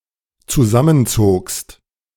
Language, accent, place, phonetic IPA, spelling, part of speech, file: German, Germany, Berlin, [t͡suˈzamənˌt͡soːkst], zusammenzogst, verb, De-zusammenzogst.ogg
- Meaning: second-person singular dependent preterite of zusammenziehen